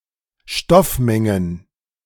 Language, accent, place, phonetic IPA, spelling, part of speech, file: German, Germany, Berlin, [ˈʃtɔfˌmɛŋən], Stoffmengen, noun, De-Stoffmengen.ogg
- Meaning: plural of Stoffmenge